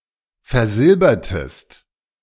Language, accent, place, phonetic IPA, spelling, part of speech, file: German, Germany, Berlin, [fɛɐ̯ˈzɪlbɐtəst], versilbertest, verb, De-versilbertest.ogg
- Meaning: inflection of versilbern: 1. second-person singular preterite 2. second-person singular subjunctive II